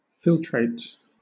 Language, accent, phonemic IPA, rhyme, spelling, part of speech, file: English, Southern England, /ˈfɪltɹeɪt/, -ɪltɹeɪt, filtrate, noun / verb, LL-Q1860 (eng)-filtrate.wav
- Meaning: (noun) The liquid or solution that has passed through a filter, and which has been separated from other fractions of the original material; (verb) To filter